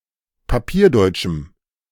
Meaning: strong dative masculine/neuter singular of papierdeutsch
- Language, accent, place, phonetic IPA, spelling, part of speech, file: German, Germany, Berlin, [paˈpiːɐ̯ˌdɔɪ̯t͡ʃm̩], papierdeutschem, adjective, De-papierdeutschem.ogg